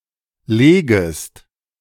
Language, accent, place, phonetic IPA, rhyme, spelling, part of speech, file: German, Germany, Berlin, [ˈleːɡəst], -eːɡəst, legest, verb, De-legest.ogg
- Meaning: second-person singular subjunctive I of legen